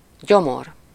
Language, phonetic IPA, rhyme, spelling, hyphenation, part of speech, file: Hungarian, [ˈɟomor], -or, gyomor, gyo‧mor, noun, Hu-gyomor.ogg
- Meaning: 1. stomach 2. bowels (the deep interior of something)